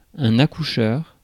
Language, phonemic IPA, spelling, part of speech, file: French, /a.ku.ʃœʁ/, accoucheur, noun, Fr-accoucheur.ogg
- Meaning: 1. midwife (male) 2. obstetrician